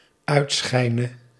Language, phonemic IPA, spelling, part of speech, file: Dutch, /ˈœytsxɛinə/, uitschijne, verb, Nl-uitschijne.ogg
- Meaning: singular dependent-clause present subjunctive of uitschijnen